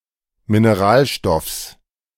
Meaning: genitive singular of Mineralstoff
- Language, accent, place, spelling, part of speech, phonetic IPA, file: German, Germany, Berlin, Mineralstoffs, noun, [mineˈʁaːlˌʃtɔfs], De-Mineralstoffs.ogg